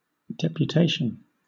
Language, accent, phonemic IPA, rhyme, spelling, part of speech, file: English, Southern England, /ˌdɛpjuːˈteɪʃən/, -eɪʃən, deputation, noun, LL-Q1860 (eng)-deputation.wav
- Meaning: The act of deputing, or of appointing or commissioning a deputy or representative; office of a deputy or delegate; vicegerency